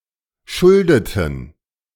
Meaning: inflection of schulden: 1. first/third-person plural preterite 2. first/third-person plural subjunctive II
- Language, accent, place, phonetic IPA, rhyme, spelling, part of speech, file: German, Germany, Berlin, [ˈʃʊldətn̩], -ʊldətn̩, schuldeten, verb, De-schuldeten.ogg